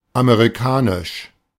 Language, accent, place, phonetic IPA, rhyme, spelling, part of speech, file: German, Germany, Berlin, [ameʁiˈkaːnɪʃ], -aːnɪʃ, amerikanisch, adjective, De-amerikanisch.ogg
- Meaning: American